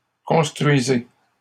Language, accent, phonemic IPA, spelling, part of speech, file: French, Canada, /kɔ̃s.tʁɥi.ze/, construisez, verb, LL-Q150 (fra)-construisez.wav
- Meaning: inflection of construire: 1. second-person plural present indicative 2. second-person plural imperative